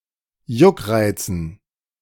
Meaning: dative plural of Juckreiz
- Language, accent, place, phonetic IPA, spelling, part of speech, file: German, Germany, Berlin, [ˈjʊkˌʁaɪ̯t͡sn̩], Juckreizen, noun, De-Juckreizen.ogg